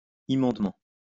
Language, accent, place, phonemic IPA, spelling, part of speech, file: French, France, Lyon, /i.mɔ̃d.mɑ̃/, immondement, adverb, LL-Q150 (fra)-immondement.wav
- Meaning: 1. impurely 2. disgustingly